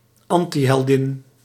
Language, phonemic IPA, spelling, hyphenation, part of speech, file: Dutch, /ˈɑn.tiˌɦɛl.dɪn/, antiheldin, an‧ti‧hel‧din, noun, Nl-antiheldin.ogg
- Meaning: female antihero